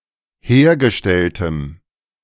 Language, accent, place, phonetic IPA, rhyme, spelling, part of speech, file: German, Germany, Berlin, [ˈheːɐ̯ɡəˌʃtɛltəm], -eːɐ̯ɡəʃtɛltəm, hergestelltem, adjective, De-hergestelltem.ogg
- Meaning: strong dative masculine/neuter singular of hergestellt